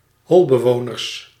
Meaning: plural of holbewoner
- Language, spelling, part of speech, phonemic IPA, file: Dutch, holbewoners, noun, /ˈhɔɫbəˌʋonərs/, Nl-holbewoners.ogg